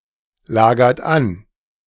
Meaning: inflection of anlagern: 1. second-person plural present 2. third-person singular present 3. plural imperative
- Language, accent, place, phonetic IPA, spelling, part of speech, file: German, Germany, Berlin, [ˌlaːɡɐt ˈan], lagert an, verb, De-lagert an.ogg